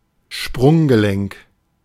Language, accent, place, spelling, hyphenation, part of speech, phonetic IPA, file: German, Germany, Berlin, Sprunggelenk, Sprung‧ge‧lenk, noun, [ˈʃpʁʊŋɡəˌlɛŋk], De-Sprunggelenk.ogg
- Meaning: ankle joint, talocrural joint